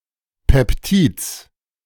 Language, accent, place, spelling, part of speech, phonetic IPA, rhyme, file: German, Germany, Berlin, Peptids, noun, [ˌpɛpˈtiːt͡s], -iːt͡s, De-Peptids.ogg
- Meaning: genitive singular of Peptid